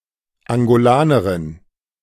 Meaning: female Angolan (woman from Angola or of Angolan descent)
- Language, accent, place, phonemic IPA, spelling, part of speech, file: German, Germany, Berlin, /aŋɡoˈlaːnəʁɪn/, Angolanerin, noun, De-Angolanerin.ogg